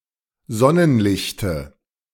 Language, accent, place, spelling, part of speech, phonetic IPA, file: German, Germany, Berlin, Sonnenlichte, noun, [ˈzɔnənˌlɪçtə], De-Sonnenlichte.ogg
- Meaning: dative of Sonnenlicht